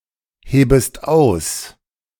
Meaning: second-person singular subjunctive I of ausheben
- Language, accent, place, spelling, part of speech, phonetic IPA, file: German, Germany, Berlin, hebest aus, verb, [ˌheːbəst ˈaʊ̯s], De-hebest aus.ogg